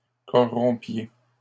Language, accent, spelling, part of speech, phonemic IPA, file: French, Canada, corrompiez, verb, /kɔ.ʁɔ̃.pje/, LL-Q150 (fra)-corrompiez.wav
- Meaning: inflection of corrompre: 1. second-person plural imperfect indicative 2. second-person plural present subjunctive